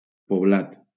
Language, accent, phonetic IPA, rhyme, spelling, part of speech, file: Catalan, Valencia, [poˈblat], -at, poblat, adjective / noun / verb, LL-Q7026 (cat)-poblat.wav
- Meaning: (adjective) populated; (noun) settlement, village; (verb) past participle of poblar